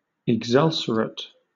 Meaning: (adjective) Very sore; ulcerated; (verb) 1. To ulcerate 2. To corrode; to fret; to chafe; to inflame
- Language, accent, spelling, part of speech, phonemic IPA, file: English, Southern England, exulcerate, adjective / verb, /ɪɡˈzʌlsəɹət/, LL-Q1860 (eng)-exulcerate.wav